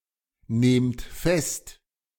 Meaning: inflection of festnehmen: 1. second-person plural present 2. plural imperative
- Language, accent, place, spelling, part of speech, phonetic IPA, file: German, Germany, Berlin, nehmt fest, verb, [ˌneːmt ˈfɛst], De-nehmt fest.ogg